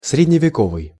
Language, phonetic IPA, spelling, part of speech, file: Russian, [srʲɪdʲnʲɪvʲɪˈkovɨj], средневековый, adjective, Ru-средневековый.ogg
- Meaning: medieval